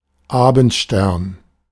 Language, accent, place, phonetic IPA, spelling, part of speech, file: German, Germany, Berlin, [ˈaːbn̩tˌʃtɛʁn], Abendstern, noun, De-Abendstern.ogg
- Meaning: evening star; the planet Venus as seen in the western sky in the evening